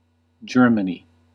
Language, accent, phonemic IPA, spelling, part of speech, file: English, US, /ˈd͡ʒɝ.mə.ni/, Germany, proper noun, En-us-Germany.ogg
- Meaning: A nation or civilization occupying the country around the Rhine, Elbe, and upper Danube Rivers in Central Europe, taken as a whole under its various governments